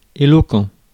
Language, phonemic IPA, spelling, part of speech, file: French, /e.lɔ.kɑ̃/, éloquent, adjective, Fr-éloquent.ogg
- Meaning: 1. eloquent (fluently persuasive and articulate) 2. eloquent; descriptive